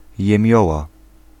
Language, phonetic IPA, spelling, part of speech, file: Polish, [jɛ̃ˈmʲjɔwa], jemioła, noun, Pl-jemioła.ogg